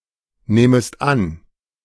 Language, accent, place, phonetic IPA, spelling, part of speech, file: German, Germany, Berlin, [ˌneːməst ˈan], nehmest an, verb, De-nehmest an.ogg
- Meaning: second-person singular subjunctive I of annehmen